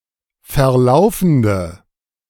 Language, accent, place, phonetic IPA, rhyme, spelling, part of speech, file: German, Germany, Berlin, [fɛɐ̯ˈlaʊ̯fn̩də], -aʊ̯fn̩də, verlaufende, adjective, De-verlaufende.ogg
- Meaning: inflection of verlaufend: 1. strong/mixed nominative/accusative feminine singular 2. strong nominative/accusative plural 3. weak nominative all-gender singular